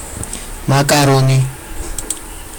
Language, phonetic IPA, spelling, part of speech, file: Georgian, [mäkʼäɾo̞ni], მაკარონი, noun, Ka-makaroni.ogg
- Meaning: macaroni, pasta